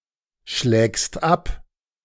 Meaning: second-person singular present of abschlagen
- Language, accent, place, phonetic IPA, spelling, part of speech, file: German, Germany, Berlin, [ˌʃlɛːkst ˈap], schlägst ab, verb, De-schlägst ab.ogg